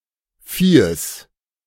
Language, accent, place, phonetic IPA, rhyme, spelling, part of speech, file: German, Germany, Berlin, [ˈfiːəs], -iːəs, Viehes, noun, De-Viehes.ogg
- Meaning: genitive singular of Vieh